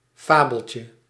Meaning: diminutive of fabel
- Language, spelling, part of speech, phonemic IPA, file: Dutch, fabeltje, noun, /ˈfabəlcə/, Nl-fabeltje.ogg